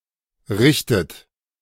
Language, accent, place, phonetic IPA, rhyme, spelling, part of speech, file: German, Germany, Berlin, [ˈʁɪçtət], -ɪçtət, richtet, verb, De-richtet.ogg
- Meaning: inflection of richten: 1. third-person singular present 2. second-person plural present 3. second-person plural subjunctive I 4. plural imperative